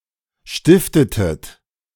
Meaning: inflection of stiften: 1. second-person plural preterite 2. second-person plural subjunctive II
- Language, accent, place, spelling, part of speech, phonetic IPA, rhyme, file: German, Germany, Berlin, stiftetet, verb, [ˈʃtɪftətət], -ɪftətət, De-stiftetet.ogg